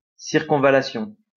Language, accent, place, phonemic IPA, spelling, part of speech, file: French, France, Lyon, /siʁ.kɔ̃.va.la.sjɔ̃/, circonvallation, noun, LL-Q150 (fra)-circonvallation.wav
- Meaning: circumvallation